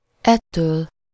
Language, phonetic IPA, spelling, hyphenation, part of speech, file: Hungarian, [ˈɛtːøːl], ettől, et‧től, pronoun, Hu-ettől.ogg
- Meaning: ablative singular of ez